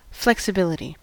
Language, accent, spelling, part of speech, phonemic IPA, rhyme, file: English, US, flexibility, noun, /ˌflɛksɪˈbɪlɪti/, -ɪlɪti, En-us-flexibility.ogg
- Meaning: 1. The quality of being flexible, whether physically or metaphorically 2. The quality of having options